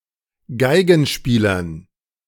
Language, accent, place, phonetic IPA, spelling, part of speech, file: German, Germany, Berlin, [ˈɡaɪ̯ɡn̩ˌʃpiːlɐn], Geigenspielern, noun, De-Geigenspielern.ogg
- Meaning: dative plural of Geigenspieler